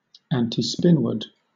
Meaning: In a rotating reference frame, against the direction of spin
- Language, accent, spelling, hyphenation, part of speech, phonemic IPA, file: English, Southern England, antispinward, anti‧spin‧ward, adverb, /ˌæntiːˈspɪnwɜ(ɹ)d/, LL-Q1860 (eng)-antispinward.wav